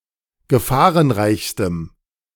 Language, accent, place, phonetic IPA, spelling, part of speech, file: German, Germany, Berlin, [ɡəˈfaːʁənˌʁaɪ̯çstəm], gefahrenreichstem, adjective, De-gefahrenreichstem.ogg
- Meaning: strong dative masculine/neuter singular superlative degree of gefahrenreich